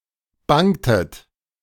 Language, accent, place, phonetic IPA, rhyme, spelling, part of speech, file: German, Germany, Berlin, [ˈbaŋtət], -aŋtət, bangtet, verb, De-bangtet.ogg
- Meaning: inflection of bangen: 1. second-person plural preterite 2. second-person plural subjunctive II